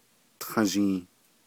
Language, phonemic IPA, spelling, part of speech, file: Navajo, /tʰɑ̃̀ʒìː/, tązhii, noun, Nv-tązhii.ogg
- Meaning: turkey